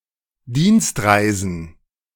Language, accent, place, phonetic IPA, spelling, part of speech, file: German, Germany, Berlin, [ˈdiːnstˌʁaɪ̯zn̩], Dienstreisen, noun, De-Dienstreisen.ogg
- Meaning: plural of Dienstreise